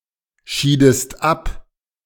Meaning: inflection of abscheiden: 1. second-person singular preterite 2. second-person singular subjunctive II
- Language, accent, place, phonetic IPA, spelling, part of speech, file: German, Germany, Berlin, [ˌʃiːdəst ˈap], schiedest ab, verb, De-schiedest ab.ogg